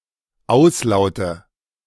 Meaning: nominative/accusative/genitive plural of Auslaut
- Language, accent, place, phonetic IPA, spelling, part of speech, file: German, Germany, Berlin, [ˈaʊ̯sˌlaʊ̯tə], Auslaute, noun, De-Auslaute.ogg